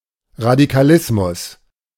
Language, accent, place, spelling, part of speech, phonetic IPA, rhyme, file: German, Germany, Berlin, Radikalismus, noun, [ʁadikaˈlɪsmʊs], -ɪsmʊs, De-Radikalismus.ogg
- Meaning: radicalism